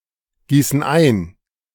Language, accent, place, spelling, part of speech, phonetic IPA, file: German, Germany, Berlin, gießen ein, verb, [ˌɡiːsn̩ ˈaɪ̯n], De-gießen ein.ogg
- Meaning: inflection of eingießen: 1. first/third-person plural present 2. first/third-person plural subjunctive I